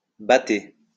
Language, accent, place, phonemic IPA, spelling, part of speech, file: French, France, Lyon, /ba.te/, batter, verb, LL-Q150 (fra)-batter.wav
- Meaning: to bat